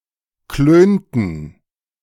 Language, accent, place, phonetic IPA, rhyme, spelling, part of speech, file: German, Germany, Berlin, [ˈkløːntn̩], -øːntn̩, klönten, verb, De-klönten.ogg
- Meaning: inflection of klönen: 1. first/third-person plural preterite 2. first/third-person plural subjunctive II